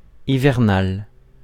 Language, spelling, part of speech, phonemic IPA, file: French, hivernal, adjective, /i.vɛʁ.nal/, Fr-hivernal.ogg
- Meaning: 1. winter 2. wintery, similar to winter